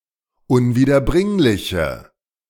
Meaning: inflection of unwiederbringlich: 1. strong/mixed nominative/accusative feminine singular 2. strong nominative/accusative plural 3. weak nominative all-gender singular
- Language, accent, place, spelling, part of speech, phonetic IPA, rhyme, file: German, Germany, Berlin, unwiederbringliche, adjective, [ʊnviːdɐˈbʁɪŋlɪçə], -ɪŋlɪçə, De-unwiederbringliche.ogg